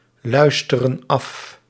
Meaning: inflection of afluisteren: 1. plural present indicative 2. plural present subjunctive
- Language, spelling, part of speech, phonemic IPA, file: Dutch, luisteren af, verb, /ˈlœystərə(n) ˈɑf/, Nl-luisteren af.ogg